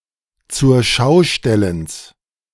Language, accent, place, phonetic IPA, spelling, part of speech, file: German, Germany, Berlin, [t͡sʊʁˈʃaʊ̯ˌʃtɛləns], Zurschaustellens, noun, De-Zurschaustellens.ogg
- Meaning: genitive singular of Zurschaustellen